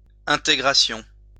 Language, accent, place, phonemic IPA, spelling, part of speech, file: French, France, Lyon, /ɛ̃.te.ɡʁa.sjɔ̃/, intégration, noun, LL-Q150 (fra)-intégration.wav
- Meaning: integration